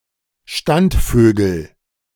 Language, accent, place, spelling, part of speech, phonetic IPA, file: German, Germany, Berlin, Standvögel, noun, [ˈʃtantˌføːɡl̩], De-Standvögel.ogg
- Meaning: nominative/accusative/genitive plural of Standvogel